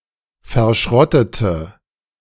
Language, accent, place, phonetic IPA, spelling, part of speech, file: German, Germany, Berlin, [fɛɐ̯ˈʃʁɔtətə], verschrottete, verb, De-verschrottete.ogg
- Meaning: inflection of verschrotten: 1. first/third-person singular preterite 2. first/third-person singular subjunctive II